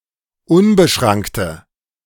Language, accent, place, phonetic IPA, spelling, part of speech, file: German, Germany, Berlin, [ˈʊnbəˌʃʁaŋktə], unbeschrankte, adjective, De-unbeschrankte.ogg
- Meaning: inflection of unbeschrankt: 1. strong/mixed nominative/accusative feminine singular 2. strong nominative/accusative plural 3. weak nominative all-gender singular